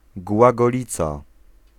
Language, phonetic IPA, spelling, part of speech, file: Polish, [ˌɡwaɡɔˈlʲit͡sa], głagolica, noun, Pl-głagolica.ogg